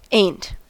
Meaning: 1. Am not 2. Are not, aren’t; is not, isn’t 3. Have not, haven’t; has not, hasn’t, when used as an auxiliary 4. Don’t, doesn’t 5. Didn’t
- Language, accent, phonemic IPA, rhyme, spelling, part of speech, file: English, US, /eɪnt/, -eɪnt, ain't, verb, En-us-ain't.ogg